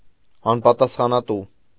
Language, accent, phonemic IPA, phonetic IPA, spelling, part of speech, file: Armenian, Eastern Armenian, /ɑnpɑtɑsχɑnɑˈtu/, [ɑnpɑtɑsχɑnɑtú], անպատասխանատու, adjective, Hy-անպատասխանատու.ogg
- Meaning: irresponsible